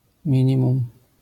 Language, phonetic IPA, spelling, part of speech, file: Polish, [ˈmʲĩɲĩmũm], minimum, noun / adverb, LL-Q809 (pol)-minimum.wav